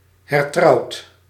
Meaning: past participle of hertrouwen
- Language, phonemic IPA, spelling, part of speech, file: Dutch, /hɛrˈtrɑut/, hertrouwd, verb, Nl-hertrouwd.ogg